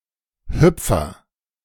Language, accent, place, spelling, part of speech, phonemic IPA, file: German, Germany, Berlin, Hüpfer, noun, /ˈhʏpfɐ/, De-Hüpfer.ogg
- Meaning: 1. agent noun of hüpfen: one who hops 2. a hop, an instance of hopping, little jump